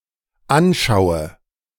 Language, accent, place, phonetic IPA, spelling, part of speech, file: German, Germany, Berlin, [ˈanˌʃaʊ̯ə], anschaue, verb, De-anschaue.ogg
- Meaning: inflection of anschauen: 1. first-person singular dependent present 2. first/third-person singular dependent subjunctive I